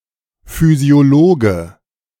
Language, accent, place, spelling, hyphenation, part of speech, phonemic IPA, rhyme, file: German, Germany, Berlin, Physiologe, Phy‧si‧o‧lo‧ge, noun, /fyzioˈloːɡə/, -oːɡə, De-Physiologe.ogg
- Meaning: physiologist (male or of unspecified gender)